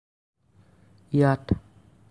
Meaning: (adverb) here; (pronoun) locative of ই (i)
- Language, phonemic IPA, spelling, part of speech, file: Assamese, /iɑt/, ইয়াত, adverb / pronoun, As-ইয়াত.ogg